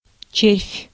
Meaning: 1. worm (invertebrate) 2. caterpillar, maggot, helminth, grub, larva 3. a gnawing feeling, often with the verb точи́ть (točítʹ) 4. mere worm, an insignificant person 5. worm (a computer program)
- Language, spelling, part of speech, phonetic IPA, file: Russian, червь, noun, [t͡ɕerfʲ], Ru-червь.ogg